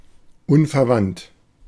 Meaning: 1. unrelated 2. unchanging, fixed, resolute, steadfast 3. unblinking, unswerving, unwavering, unflinching
- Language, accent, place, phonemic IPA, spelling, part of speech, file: German, Germany, Berlin, /ˈunfɛɐ̯ˌvant/, unverwandt, adjective, De-unverwandt.ogg